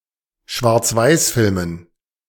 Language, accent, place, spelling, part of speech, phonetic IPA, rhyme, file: German, Germany, Berlin, Schwarzweißfilmen, noun, [ʃvaʁt͡sˈvaɪ̯sˌfɪlmən], -aɪ̯sfɪlmən, De-Schwarzweißfilmen.ogg
- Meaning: dative plural of Schwarzweißfilm